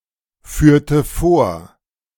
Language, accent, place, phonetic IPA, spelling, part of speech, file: German, Germany, Berlin, [ˌfyːɐ̯tə ˈfoːɐ̯], führte vor, verb, De-führte vor.ogg
- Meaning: inflection of vorführen: 1. first/third-person singular preterite 2. first/third-person singular subjunctive II